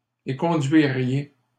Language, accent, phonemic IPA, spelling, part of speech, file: French, Canada, /e.kɔ̃.dɥi.ʁje/, éconduiriez, verb, LL-Q150 (fra)-éconduiriez.wav
- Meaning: second-person plural conditional of éconduire